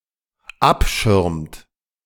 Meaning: inflection of abschirmen: 1. third-person singular dependent present 2. second-person plural dependent present
- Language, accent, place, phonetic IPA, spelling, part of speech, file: German, Germany, Berlin, [ˈapˌʃɪʁmt], abschirmt, verb, De-abschirmt.ogg